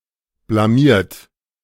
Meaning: 1. past participle of blamieren 2. inflection of blamieren: third-person singular present 3. inflection of blamieren: second-person plural present 4. inflection of blamieren: plural imperative
- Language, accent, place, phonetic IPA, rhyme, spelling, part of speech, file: German, Germany, Berlin, [blaˈmiːɐ̯t], -iːɐ̯t, blamiert, verb, De-blamiert.ogg